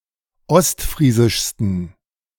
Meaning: 1. superlative degree of ostfriesisch 2. inflection of ostfriesisch: strong genitive masculine/neuter singular superlative degree
- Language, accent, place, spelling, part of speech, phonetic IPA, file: German, Germany, Berlin, ostfriesischsten, adjective, [ˈɔstˌfʁiːzɪʃstn̩], De-ostfriesischsten.ogg